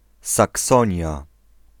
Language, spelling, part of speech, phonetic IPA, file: Polish, Saksonia, proper noun, [saˈksɔ̃ɲja], Pl-Saksonia.ogg